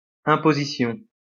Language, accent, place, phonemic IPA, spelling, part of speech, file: French, France, Lyon, /ɛ̃.po.zi.sjɔ̃/, imposition, noun, LL-Q150 (fra)-imposition.wav
- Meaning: 1. imposition 2. taxation